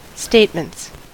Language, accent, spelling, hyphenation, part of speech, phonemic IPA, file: English, US, statements, state‧ments, noun / verb, /ˈsteɪt.mənts/, En-us-statements.ogg
- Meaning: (noun) plural of statement; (verb) third-person singular simple present indicative of statement